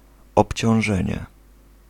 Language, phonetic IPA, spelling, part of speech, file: Polish, [ˌɔpʲt͡ɕɔ̃w̃ˈʒɛ̃ɲɛ], obciążenie, noun, Pl-obciążenie.ogg